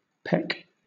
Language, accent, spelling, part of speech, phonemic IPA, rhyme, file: English, Southern England, peck, verb / noun, /pɛk/, -ɛk, LL-Q1860 (eng)-peck.wav
- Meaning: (verb) 1. To strike or pierce with the beak or bill (of a bird) 2. To form by striking with the beak or a pointed instrument